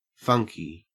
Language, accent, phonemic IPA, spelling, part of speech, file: English, Australia, /fʌŋki/, funky, adjective, En-au-funky.ogg
- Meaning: 1. Offbeat, unconventional or eccentric 2. Not quite right; of questionable quality; not appropriate to the context 3. Cool; great; excellent 4. Having a foul or unpleasant smell